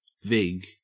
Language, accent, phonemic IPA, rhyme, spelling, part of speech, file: English, Australia, /vɪɡ/, -ɪɡ, vig, noun, En-au-vig.ogg
- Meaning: 1. Synonym of vigorish (“charge taken on bets”) 2. Synonym of vigorish (“interest from a loan, as from a loan shark”) 3. Synonym of vigorish (“commission, finder's fee, or similar extra charge”)